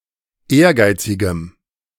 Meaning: strong dative masculine/neuter singular of ehrgeizig
- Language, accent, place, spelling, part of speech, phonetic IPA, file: German, Germany, Berlin, ehrgeizigem, adjective, [ˈeːɐ̯ˌɡaɪ̯t͡sɪɡəm], De-ehrgeizigem.ogg